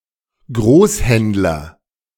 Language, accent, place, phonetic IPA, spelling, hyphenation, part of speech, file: German, Germany, Berlin, [ˈɡʁoːsˌhɛndlɐ], Großhändler, Groß‧händ‧ler, noun, De-Großhändler.ogg
- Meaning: wholesaler